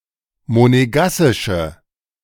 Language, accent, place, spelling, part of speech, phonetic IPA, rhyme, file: German, Germany, Berlin, monegassische, adjective, [moneˈɡasɪʃə], -asɪʃə, De-monegassische.ogg
- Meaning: inflection of monegassisch: 1. strong/mixed nominative/accusative feminine singular 2. strong nominative/accusative plural 3. weak nominative all-gender singular